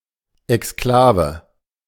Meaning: exclave
- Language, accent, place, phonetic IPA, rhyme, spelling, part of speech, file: German, Germany, Berlin, [ɛksˈklaːvə], -aːvə, Exklave, noun, De-Exklave.ogg